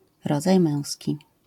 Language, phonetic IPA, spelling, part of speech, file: Polish, [ˈrɔd͡zaj ˈmɛ̃w̃sʲci], rodzaj męski, noun, LL-Q809 (pol)-rodzaj męski.wav